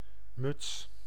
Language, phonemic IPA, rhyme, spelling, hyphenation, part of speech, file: Dutch, /mʏts/, -ʏts, muts, muts, noun, Nl-muts.ogg
- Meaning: 1. tuque (knitted winter cap), a type of brimless hat; a similar soft (nearly) brimless hat 2. vagina 3. annoying or stupid woman 4. clumsy woman, a female dork